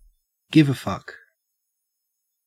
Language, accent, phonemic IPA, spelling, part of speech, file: English, Australia, /ˈɡɪvəˌfʌk/, give a fuck, verb, En-au-give a fuck.ogg
- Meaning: To care; to give a shit